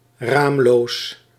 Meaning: windowless
- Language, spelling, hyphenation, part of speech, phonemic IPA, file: Dutch, raamloos, raam‧loos, adjective, /ˈraːm.loːs/, Nl-raamloos.ogg